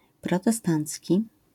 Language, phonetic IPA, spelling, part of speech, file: Polish, [ˌprɔtɛˈstãnt͡sʲci], protestancki, adjective, LL-Q809 (pol)-protestancki.wav